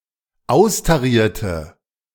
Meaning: inflection of austarieren: 1. first/third-person singular dependent preterite 2. first/third-person singular dependent subjunctive II
- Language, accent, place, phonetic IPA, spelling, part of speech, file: German, Germany, Berlin, [ˈaʊ̯staˌʁiːɐ̯tə], austarierte, adjective / verb, De-austarierte.ogg